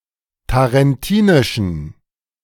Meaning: inflection of tarentinisch: 1. strong genitive masculine/neuter singular 2. weak/mixed genitive/dative all-gender singular 3. strong/weak/mixed accusative masculine singular 4. strong dative plural
- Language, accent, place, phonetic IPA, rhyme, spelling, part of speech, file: German, Germany, Berlin, [taʁɛnˈtiːnɪʃn̩], -iːnɪʃn̩, tarentinischen, adjective, De-tarentinischen.ogg